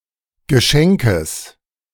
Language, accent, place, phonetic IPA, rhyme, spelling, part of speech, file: German, Germany, Berlin, [ɡəˈʃɛŋkəs], -ɛŋkəs, Geschenkes, noun, De-Geschenkes.ogg
- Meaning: genitive singular of Geschenk